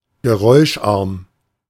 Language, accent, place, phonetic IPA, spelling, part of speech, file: German, Germany, Berlin, [ɡəˈʁɔɪ̯ʃˌʔaʁm], geräuscharm, adjective, De-geräuscharm.ogg
- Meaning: quiet, low-noise